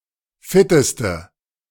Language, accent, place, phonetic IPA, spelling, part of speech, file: German, Germany, Berlin, [ˈfɪtəstə], fitteste, adjective, De-fitteste.ogg
- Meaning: inflection of fit: 1. strong/mixed nominative/accusative feminine singular superlative degree 2. strong nominative/accusative plural superlative degree